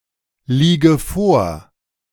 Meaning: inflection of vorliegen: 1. first-person singular present 2. first/third-person singular subjunctive I 3. singular imperative
- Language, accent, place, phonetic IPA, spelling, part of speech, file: German, Germany, Berlin, [ˌliːɡə ˈfoːɐ̯], liege vor, verb, De-liege vor.ogg